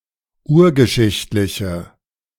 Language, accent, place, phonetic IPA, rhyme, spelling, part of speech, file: German, Germany, Berlin, [ˈuːɐ̯ɡəˌʃɪçtlɪçə], -uːɐ̯ɡəʃɪçtlɪçə, urgeschichtliche, adjective, De-urgeschichtliche.ogg
- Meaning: inflection of urgeschichtlich: 1. strong/mixed nominative/accusative feminine singular 2. strong nominative/accusative plural 3. weak nominative all-gender singular